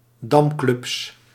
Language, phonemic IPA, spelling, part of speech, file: Dutch, /ˈdɑmklʏps/, damclubs, noun, Nl-damclubs.ogg
- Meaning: plural of damclub